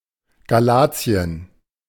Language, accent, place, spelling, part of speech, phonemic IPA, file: German, Germany, Berlin, Galatien, proper noun, /ɡaˈlaːt͡si̯ən/, De-Galatien.ogg
- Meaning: 1. Galatia (a historical region of ancient Asia Minor, in what is now central Turkey) 2. Galatia (a former province of the Roman Empire, existing from 25 BC to the late 7th century AD)